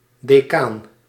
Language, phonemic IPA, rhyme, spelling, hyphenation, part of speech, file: Dutch, /deːˈkaːn/, -aːn, decaan, de‧caan, noun, Nl-decaan.ogg
- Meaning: 1. dean 2. school counselor, guidance counselor 3. decane